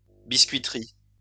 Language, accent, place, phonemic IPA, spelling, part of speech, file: French, France, Lyon, /bis.kɥi.tʁi/, biscuiterie, noun, LL-Q150 (fra)-biscuiterie.wav
- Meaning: 1. biscuit factory or firm 2. biscuit making or trade